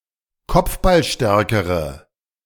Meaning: inflection of kopfballstark: 1. strong/mixed nominative/accusative feminine singular comparative degree 2. strong nominative/accusative plural comparative degree
- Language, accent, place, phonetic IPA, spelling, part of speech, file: German, Germany, Berlin, [ˈkɔp͡fbalˌʃtɛʁkəʁə], kopfballstärkere, adjective, De-kopfballstärkere.ogg